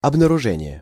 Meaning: finding, discovery, detecting
- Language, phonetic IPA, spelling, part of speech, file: Russian, [ɐbnərʊˈʐɛnʲɪje], обнаружение, noun, Ru-обнаружение.ogg